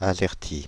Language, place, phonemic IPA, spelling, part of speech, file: French, Paris, /a.zɛʁ.ti/, azerty, noun, Fr-azerty.ogg
- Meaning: azerty keyboard